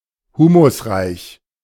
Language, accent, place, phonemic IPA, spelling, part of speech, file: German, Germany, Berlin, /ˈhuːmʊsˌʁaɪ̯ç/, humusreich, adjective, De-humusreich.ogg
- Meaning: humus-rich (of soil)